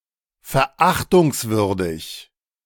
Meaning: contemptible, despicable
- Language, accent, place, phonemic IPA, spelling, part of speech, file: German, Germany, Berlin, /fɛɐ̯ˈʔaχtʊŋsˌvʏʁdɪç/, verachtungswürdig, adjective, De-verachtungswürdig.ogg